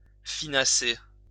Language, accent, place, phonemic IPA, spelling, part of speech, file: French, France, Lyon, /fi.na.se/, finasser, verb, LL-Q150 (fra)-finasser.wav
- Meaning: to finesse